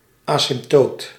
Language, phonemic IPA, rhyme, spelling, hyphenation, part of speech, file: Dutch, /aː.sɪmpˈtoːt/, -oːt, asymptoot, asymp‧toot, noun, Nl-asymptoot.ogg
- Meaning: asymptote (a straight line which a curve approaches arbitrarily closely)